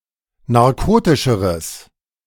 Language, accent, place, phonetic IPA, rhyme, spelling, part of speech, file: German, Germany, Berlin, [naʁˈkoːtɪʃəʁəs], -oːtɪʃəʁəs, narkotischeres, adjective, De-narkotischeres.ogg
- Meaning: strong/mixed nominative/accusative neuter singular comparative degree of narkotisch